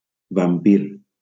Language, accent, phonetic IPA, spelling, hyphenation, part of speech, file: Catalan, Valencia, [vamˈpir], vampir, vam‧pir, noun, LL-Q7026 (cat)-vampir.wav
- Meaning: 1. vampire 2. vampire bat